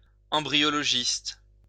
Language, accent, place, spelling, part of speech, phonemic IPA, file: French, France, Lyon, embryologiste, noun, /ɑ̃.bʁi.jɔ.lɔ.ʒist/, LL-Q150 (fra)-embryologiste.wav
- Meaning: embryologist